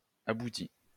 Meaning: past participle of aboutir
- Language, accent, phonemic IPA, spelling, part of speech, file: French, France, /a.bu.ti/, abouti, verb, LL-Q150 (fra)-abouti.wav